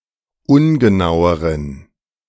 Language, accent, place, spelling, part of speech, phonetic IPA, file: German, Germany, Berlin, ungenaueren, adjective, [ˈʊnɡəˌnaʊ̯əʁən], De-ungenaueren.ogg
- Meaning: inflection of ungenau: 1. strong genitive masculine/neuter singular comparative degree 2. weak/mixed genitive/dative all-gender singular comparative degree